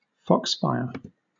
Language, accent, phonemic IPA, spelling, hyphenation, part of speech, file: English, Southern England, /ˈfɒksfaɪə/, foxfire, fox‧fire, noun, LL-Q1860 (eng)-foxfire.wav
- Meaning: 1. Bioluminescence created by some types of fungus, particularly those growing on rotting wood 2. Wood exhibiting fungal bioluminescence; torchwood